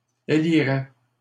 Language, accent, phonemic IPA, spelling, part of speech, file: French, Canada, /e.li.ʁɛ/, élirait, verb, LL-Q150 (fra)-élirait.wav
- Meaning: third-person singular conditional of élire